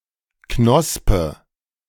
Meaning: 1. bud 2. eye of a potato
- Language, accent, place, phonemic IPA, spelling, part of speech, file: German, Germany, Berlin, /ˈknɔspə/, Knospe, noun, De-Knospe.ogg